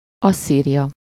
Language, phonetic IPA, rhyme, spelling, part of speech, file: Hungarian, [ˈɒsːiːrijɒ], -jɒ, Asszíria, proper noun, Hu-Asszíria.ogg